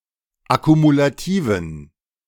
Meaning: inflection of akkumulativ: 1. strong genitive masculine/neuter singular 2. weak/mixed genitive/dative all-gender singular 3. strong/weak/mixed accusative masculine singular 4. strong dative plural
- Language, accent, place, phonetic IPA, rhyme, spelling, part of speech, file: German, Germany, Berlin, [akumulaˈtiːvn̩], -iːvn̩, akkumulativen, adjective, De-akkumulativen.ogg